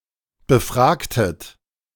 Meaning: inflection of befragen: 1. second-person plural preterite 2. second-person plural subjunctive II
- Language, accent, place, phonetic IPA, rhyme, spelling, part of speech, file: German, Germany, Berlin, [bəˈfʁaːktət], -aːktət, befragtet, verb, De-befragtet.ogg